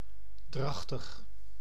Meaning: gestating, pregnant
- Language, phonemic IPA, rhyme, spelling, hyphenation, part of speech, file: Dutch, /ˈdrɑx.təx/, -ɑxtəx, drachtig, drach‧tig, adjective, Nl-drachtig.ogg